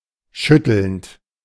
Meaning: present participle of schütteln
- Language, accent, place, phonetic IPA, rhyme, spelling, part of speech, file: German, Germany, Berlin, [ˈʃʏtl̩nt], -ʏtl̩nt, schüttelnd, verb, De-schüttelnd.ogg